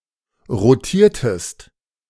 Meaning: inflection of rotieren: 1. second-person singular preterite 2. second-person singular subjunctive II
- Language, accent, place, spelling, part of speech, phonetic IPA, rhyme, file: German, Germany, Berlin, rotiertest, verb, [ʁoˈtiːɐ̯təst], -iːɐ̯təst, De-rotiertest.ogg